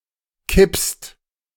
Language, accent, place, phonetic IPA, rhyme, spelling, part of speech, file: German, Germany, Berlin, [kɪpst], -ɪpst, kippst, verb, De-kippst.ogg
- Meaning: second-person singular present of kippen